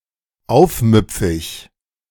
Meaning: insubordinate, rebellious, defiant
- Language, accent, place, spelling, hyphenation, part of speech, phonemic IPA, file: German, Germany, Berlin, aufmüpfig, auf‧müp‧fig, adjective, /ˈaʊ̯fˌmʏpfɪç/, De-aufmüpfig.ogg